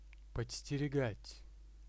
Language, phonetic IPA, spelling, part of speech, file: Russian, [pət͡sʲsʲtʲɪrʲɪˈɡatʲ], подстерегать, verb, Ru-подстерегать.ogg
- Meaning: to be on the watch (for), to lie in wait (for), to waylay, to catch